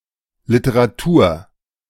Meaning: literature (written works collectively, often about a certain topic, in a certain language etc.)
- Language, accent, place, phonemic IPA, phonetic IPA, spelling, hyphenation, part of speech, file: German, Germany, Berlin, /lɪtəraˈtuːr/, [ˌlɪ.tə.ʁaˈtu(ː)ɐ̯], Literatur, Li‧te‧ra‧tur, noun, De-Literatur.ogg